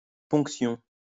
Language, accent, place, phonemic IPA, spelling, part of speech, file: French, France, Lyon, /pɔ̃k.sjɔ̃/, ponction, noun, LL-Q150 (fra)-ponction.wav
- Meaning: 1. puncture (especially a surgical one) 2. deduction, that which is taken away (such as a tax)